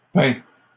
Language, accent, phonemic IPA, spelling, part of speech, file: French, Canada, /pɛ̃/, peint, verb, LL-Q150 (fra)-peint.wav
- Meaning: 1. past participle of peindre 2. third-person singular present indicative of peindre